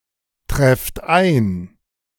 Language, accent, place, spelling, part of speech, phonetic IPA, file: German, Germany, Berlin, trefft ein, verb, [ˌtʁɛft ˈaɪ̯n], De-trefft ein.ogg
- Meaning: inflection of eintreffen: 1. second-person plural present 2. plural imperative